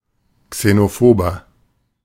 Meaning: 1. comparative degree of xenophob 2. inflection of xenophob: strong/mixed nominative masculine singular 3. inflection of xenophob: strong genitive/dative feminine singular
- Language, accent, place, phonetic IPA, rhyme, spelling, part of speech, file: German, Germany, Berlin, [ksenoˈfoːbɐ], -oːbɐ, xenophober, adjective, De-xenophober.ogg